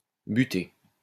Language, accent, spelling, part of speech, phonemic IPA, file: French, France, butter, verb, /by.te/, LL-Q150 (fra)-butter.wav
- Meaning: to heap